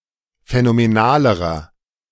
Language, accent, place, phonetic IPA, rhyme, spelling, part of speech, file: German, Germany, Berlin, [fɛnomeˈnaːləʁɐ], -aːləʁɐ, phänomenalerer, adjective, De-phänomenalerer.ogg
- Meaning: inflection of phänomenal: 1. strong/mixed nominative masculine singular comparative degree 2. strong genitive/dative feminine singular comparative degree 3. strong genitive plural comparative degree